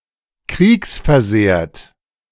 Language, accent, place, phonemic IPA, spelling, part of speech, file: German, Germany, Berlin, /ˈkʁiːksfɛɐ̯ˌzeːɐ̯t/, kriegsversehrt, adjective, De-kriegsversehrt.ogg
- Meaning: wounded in (military) action